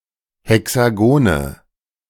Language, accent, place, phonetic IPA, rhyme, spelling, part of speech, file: German, Germany, Berlin, [hɛksaˈɡoːnə], -oːnə, Hexagone, noun, De-Hexagone.ogg
- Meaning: 1. nominative plural of Hexagon 2. genitive plural of Hexagon 3. accusative plural of Hexagon